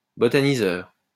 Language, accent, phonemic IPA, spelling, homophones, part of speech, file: French, France, /bɔ.ta.ni.zœʁ/, botaniseur, botaniseurs, noun, LL-Q150 (fra)-botaniseur.wav
- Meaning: botanizer